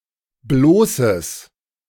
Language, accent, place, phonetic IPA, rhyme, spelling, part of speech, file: German, Germany, Berlin, [ˈbloːsəs], -oːsəs, bloßes, adjective, De-bloßes.ogg
- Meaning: strong/mixed nominative/accusative neuter singular of bloß